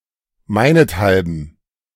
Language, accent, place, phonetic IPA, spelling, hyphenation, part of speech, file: German, Germany, Berlin, [ˈmaɪ̯nətˌhalbn̩], meinethalben, mei‧net‧hal‧ben, adverb, De-meinethalben.ogg
- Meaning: because of me